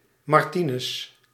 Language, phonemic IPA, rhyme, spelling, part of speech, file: Dutch, /mɑrˈti.nʏs/, -inʏs, Martinus, proper noun, Nl-Martinus.ogg
- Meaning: a male given name, equivalent to English Martin